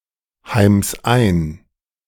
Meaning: 1. singular imperative of einheimsen 2. first-person singular present of einheimsen
- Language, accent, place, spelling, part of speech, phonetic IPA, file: German, Germany, Berlin, heims ein, verb, [ˌhaɪ̯ms ˈaɪ̯n], De-heims ein.ogg